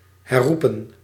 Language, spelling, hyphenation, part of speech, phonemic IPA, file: Dutch, herroepen, her‧roe‧pen, verb, /ˌɦɛˈru.pə(n)/, Nl-herroepen.ogg
- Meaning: 1. to retract, to recant, to take back what was said 2. to revoke, to cancel